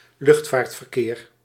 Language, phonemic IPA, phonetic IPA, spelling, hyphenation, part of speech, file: Dutch, /ˈlʏxt.vaːrt.vərˌkeːr/, [ˈlʏxt.faːrt.fərˌkɪːr], luchtvaartverkeer, lucht‧vaart‧ver‧keer, noun, Nl-luchtvaartverkeer.ogg
- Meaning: air traffic (movement of aircraft)